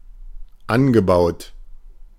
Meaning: past participle of anbauen
- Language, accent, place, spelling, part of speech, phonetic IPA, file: German, Germany, Berlin, angebaut, verb, [ˈan.ɡəˌbaʊ̯t], De-angebaut.ogg